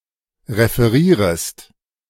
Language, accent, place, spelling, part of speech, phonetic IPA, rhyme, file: German, Germany, Berlin, referierest, verb, [ʁefəˈʁiːʁəst], -iːʁəst, De-referierest.ogg
- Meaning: second-person singular subjunctive I of referieren